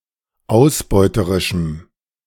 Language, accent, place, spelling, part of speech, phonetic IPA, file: German, Germany, Berlin, ausbeuterischem, adjective, [ˈaʊ̯sˌbɔɪ̯təʁɪʃm̩], De-ausbeuterischem.ogg
- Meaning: strong dative masculine/neuter singular of ausbeuterisch